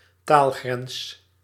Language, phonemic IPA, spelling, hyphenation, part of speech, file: Dutch, /ˈtaːl.ɣrɛns/, taalgrens, taal‧grens, noun, Nl-taalgrens.ogg
- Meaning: a language border, a boundary separating two language areas